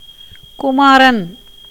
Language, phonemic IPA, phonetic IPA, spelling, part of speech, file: Tamil, /kʊmɑːɾɐn/, [kʊmäːɾɐn], குமாரன், noun / proper noun, Ta-குமாரன்.ogg
- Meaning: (noun) 1. son 2. prince, heir-apparent associated in the kingdom with the reigning monarch; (proper noun) 1. Murugan or Kartikeya 2. God the Son; Jesus